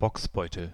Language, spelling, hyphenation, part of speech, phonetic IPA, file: German, Bocksbeutel, Bocks‧beu‧tel, noun, [ˈbɔksˌbɔɪ̯tl̩], De-Bocksbeutel.ogg
- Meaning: a wine bottle used for certain German wines, with a distinctive rounded body